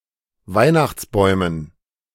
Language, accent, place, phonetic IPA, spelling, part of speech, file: German, Germany, Berlin, [ˈvaɪ̯naxt͡sˌbɔɪ̯mən], Weihnachtsbäumen, noun, De-Weihnachtsbäumen.ogg
- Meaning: dative plural of Weihnachtsbaum